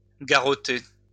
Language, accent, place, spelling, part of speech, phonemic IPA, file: French, France, Lyon, garroter, verb, /ɡa.ʁɔ.te/, LL-Q150 (fra)-garroter.wav
- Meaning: 1. to kill by strangulation 2. to tighten using a garrot